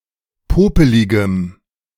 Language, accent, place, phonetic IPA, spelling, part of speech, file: German, Germany, Berlin, [ˈpoːpəlɪɡəm], popeligem, adjective, De-popeligem.ogg
- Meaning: strong dative masculine/neuter singular of popelig